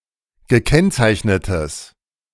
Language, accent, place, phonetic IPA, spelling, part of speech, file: German, Germany, Berlin, [ɡəˈkɛnt͡saɪ̯çnətəs], gekennzeichnetes, adjective, De-gekennzeichnetes.ogg
- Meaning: strong/mixed nominative/accusative neuter singular of gekennzeichnet